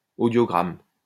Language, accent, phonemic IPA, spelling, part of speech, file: French, France, /o.djɔ.ɡʁam/, audiogramme, noun, LL-Q150 (fra)-audiogramme.wav
- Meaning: audiogram